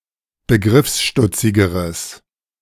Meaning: strong/mixed nominative/accusative neuter singular comparative degree of begriffsstutzig
- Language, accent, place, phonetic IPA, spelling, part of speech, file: German, Germany, Berlin, [bəˈɡʁɪfsˌʃtʊt͡sɪɡəʁəs], begriffsstutzigeres, adjective, De-begriffsstutzigeres.ogg